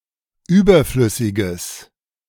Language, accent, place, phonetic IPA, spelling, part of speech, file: German, Germany, Berlin, [ˈyːbɐˌflʏsɪɡəs], überflüssiges, adjective, De-überflüssiges.ogg
- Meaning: strong/mixed nominative/accusative neuter singular of überflüssig